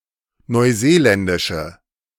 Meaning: inflection of neuseeländisch: 1. strong/mixed nominative/accusative feminine singular 2. strong nominative/accusative plural 3. weak nominative all-gender singular
- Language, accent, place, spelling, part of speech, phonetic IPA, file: German, Germany, Berlin, neuseeländische, adjective, [nɔɪ̯ˈzeːˌlɛndɪʃə], De-neuseeländische.ogg